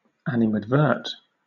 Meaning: 1. To criticise, to censure 2. To consider 3. To turn judicial attention (to); to criticise or punish
- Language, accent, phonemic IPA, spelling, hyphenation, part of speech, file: English, Southern England, /ˌænɪmædˈvɜːt/, animadvert, ani‧mad‧vert, verb, LL-Q1860 (eng)-animadvert.wav